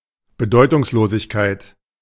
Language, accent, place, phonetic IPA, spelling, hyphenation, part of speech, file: German, Germany, Berlin, [bəˈdɔɪ̯tʊŋsˌloːzɪçkaɪ̯t], Bedeutungslosigkeit, Be‧deu‧tungs‧lo‧sig‧keit, noun, De-Bedeutungslosigkeit.ogg
- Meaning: irrelevance, insignificance